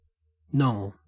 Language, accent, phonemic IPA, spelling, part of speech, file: English, Australia, /nɔŋ/, nong, noun, En-au-nong.ogg
- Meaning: An idiot